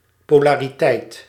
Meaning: 1. polarity 2. gender polarity, the phenomenon of some numerals (3 to 10) having endings resembling those of the opposite grammatical gender
- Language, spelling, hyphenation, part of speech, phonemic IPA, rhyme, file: Dutch, polariteit, po‧la‧ri‧teit, noun, /ˌpoː.laː.riˈtɛi̯t/, -ɛi̯t, Nl-polariteit.ogg